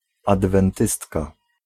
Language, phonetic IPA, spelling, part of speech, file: Polish, [ˌadvɛ̃nˈtɨstka], adwentystka, noun, Pl-adwentystka.ogg